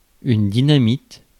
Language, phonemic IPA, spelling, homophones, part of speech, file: French, /di.na.mit/, dynamite, dynamitent / dynamites, verb, Fr-dynamite.ogg
- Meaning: inflection of dynamiter: 1. first/third-person singular present indicative/subjunctive 2. second-person singular imperative